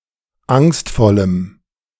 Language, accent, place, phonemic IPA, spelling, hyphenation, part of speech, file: German, Germany, Berlin, /ˈaŋstfɔləm/, angstvollem, angst‧vol‧lem, adjective, De-angstvollem.ogg
- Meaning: strong dative masculine/neuter singular of angstvoll